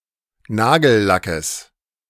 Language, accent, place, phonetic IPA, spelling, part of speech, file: German, Germany, Berlin, [ˈnaːɡl̩ˌlakəs], Nagellackes, noun, De-Nagellackes.ogg
- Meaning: genitive singular of Nagellack